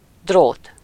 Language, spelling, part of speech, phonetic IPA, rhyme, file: Hungarian, drót, noun, [ˈdroːt], -oːt, Hu-drót.ogg
- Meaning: wire